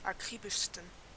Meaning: 1. superlative degree of akribisch 2. inflection of akribisch: strong genitive masculine/neuter singular superlative degree
- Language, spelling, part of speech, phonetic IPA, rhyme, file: German, akribischsten, adjective, [aˈkʁiːbɪʃstn̩], -iːbɪʃstn̩, De-akribischsten.oga